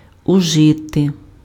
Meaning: 1. to use, to make use of 2. to take, to use (:drugs, tobacco, etc.) 3. to consume (:food, drink)
- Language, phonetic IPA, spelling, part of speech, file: Ukrainian, [ʊˈʒɪte], ужити, verb, Uk-ужити.ogg